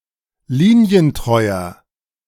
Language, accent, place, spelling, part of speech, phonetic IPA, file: German, Germany, Berlin, linientreuer, adjective, [ˈliːni̯ənˌtʁɔɪ̯ɐ], De-linientreuer.ogg
- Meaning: 1. comparative degree of linientreu 2. inflection of linientreu: strong/mixed nominative masculine singular 3. inflection of linientreu: strong genitive/dative feminine singular